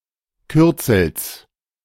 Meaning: genitive singular of Kürzel
- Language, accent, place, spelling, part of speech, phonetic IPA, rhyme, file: German, Germany, Berlin, Kürzels, noun, [ˈkʏʁt͡sl̩s], -ʏʁt͡sl̩s, De-Kürzels.ogg